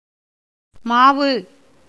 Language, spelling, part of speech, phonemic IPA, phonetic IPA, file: Tamil, மாவு, noun, /mɑːʋɯ/, [mäːʋɯ], Ta-மாவு.ogg
- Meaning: 1. batter 2. dough 3. flour